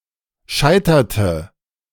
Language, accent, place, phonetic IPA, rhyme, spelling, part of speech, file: German, Germany, Berlin, [ˈʃaɪ̯tɐtə], -aɪ̯tɐtə, scheiterte, verb, De-scheiterte.ogg
- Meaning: inflection of scheitern: 1. first/third-person singular preterite 2. first/third-person singular subjunctive II